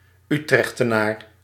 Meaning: 1. inhabitant of Utrecht 2. homosexual
- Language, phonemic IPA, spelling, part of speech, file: Dutch, /ˈytrɛxtəˌnar/, Utrechtenaar, noun, Nl-Utrechtenaar.ogg